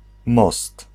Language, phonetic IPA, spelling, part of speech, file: Polish, [mɔst], most, noun, Pl-most.ogg